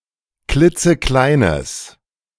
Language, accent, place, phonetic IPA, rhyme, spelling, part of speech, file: German, Germany, Berlin, [ˈklɪt͡səˈklaɪ̯nəs], -aɪ̯nəs, klitzekleines, adjective, De-klitzekleines.ogg
- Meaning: strong/mixed nominative/accusative neuter singular of klitzeklein